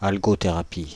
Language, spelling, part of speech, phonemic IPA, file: French, algothérapie, noun, /al.ɡɔ.te.ʁa.pi/, Fr-algothérapie.ogg
- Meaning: algotherapy